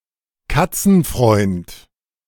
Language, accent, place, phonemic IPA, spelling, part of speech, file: German, Germany, Berlin, /ˈkat͡sn̩ˌfʁɔɪ̯nt/, Katzenfreund, noun, De-Katzenfreund.ogg
- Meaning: catlover